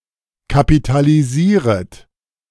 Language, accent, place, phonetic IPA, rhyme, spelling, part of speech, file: German, Germany, Berlin, [kapitaliˈziːʁət], -iːʁət, kapitalisieret, verb, De-kapitalisieret.ogg
- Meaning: second-person plural subjunctive I of kapitalisieren